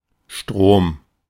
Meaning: 1. a large river 2. stream; current 3. electric current; electricity 4. electricity (electric power)
- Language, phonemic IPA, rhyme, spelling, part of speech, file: German, /ʃtʁoːm/, -oːm, Strom, noun, De-Strom.oga